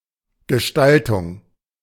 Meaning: design, styling, arrangement
- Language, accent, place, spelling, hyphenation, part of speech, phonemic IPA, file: German, Germany, Berlin, Gestaltung, Ge‧stal‧tung, noun, /ɡəˈʃtaltʊŋ/, De-Gestaltung.ogg